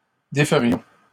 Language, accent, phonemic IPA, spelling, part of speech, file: French, Canada, /de.fə.ʁjɔ̃/, déferions, verb, LL-Q150 (fra)-déferions.wav
- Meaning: first-person plural conditional of défaire